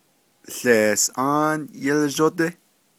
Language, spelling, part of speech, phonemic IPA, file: Navajo, łeesʼáán yílzhódí, noun, /ɬèːsʔɑ́ːn jɪ́lʒótɪ́/, Nv-łeesʼáán yílzhódí.ogg
- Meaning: Milky Way